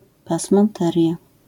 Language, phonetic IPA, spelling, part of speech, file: Polish, [ˌpasmãnˈtɛrʲja], pasmanteria, noun, LL-Q809 (pol)-pasmanteria.wav